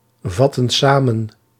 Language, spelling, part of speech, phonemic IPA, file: Dutch, vatten samen, verb, /ˈvɑtə(n) ˈsamə(n)/, Nl-vatten samen.ogg
- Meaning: inflection of samenvatten: 1. plural present/past indicative 2. plural present/past subjunctive